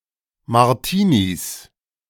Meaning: plural of Martini
- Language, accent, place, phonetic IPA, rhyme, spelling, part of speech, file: German, Germany, Berlin, [maʁˈtiːnis], -iːnis, Martinis, noun, De-Martinis.ogg